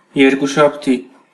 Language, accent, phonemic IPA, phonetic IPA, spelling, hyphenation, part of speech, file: Armenian, Eastern Armenian, /jeɾkuʃɑbˈtʰi/, [jeɾkuʃɑpʰtʰí], երկուշաբթի, եր‧կու‧շաբ‧թի, noun, Hy-EA-երկուշաբթի.ogg
- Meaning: Monday